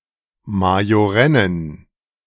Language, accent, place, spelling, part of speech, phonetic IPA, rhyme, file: German, Germany, Berlin, majorennen, adjective, [majoˈʁɛnən], -ɛnən, De-majorennen.ogg
- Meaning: inflection of majorenn: 1. strong genitive masculine/neuter singular 2. weak/mixed genitive/dative all-gender singular 3. strong/weak/mixed accusative masculine singular 4. strong dative plural